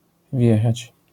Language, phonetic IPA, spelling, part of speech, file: Polish, [ˈvʲjɛxat͡ɕ], wjechać, verb, LL-Q809 (pol)-wjechać.wav